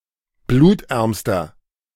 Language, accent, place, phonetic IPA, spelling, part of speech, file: German, Germany, Berlin, [ˈbluːtˌʔɛʁmstɐ], blutärmster, adjective, De-blutärmster.ogg
- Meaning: inflection of blutarm: 1. strong/mixed nominative masculine singular superlative degree 2. strong genitive/dative feminine singular superlative degree 3. strong genitive plural superlative degree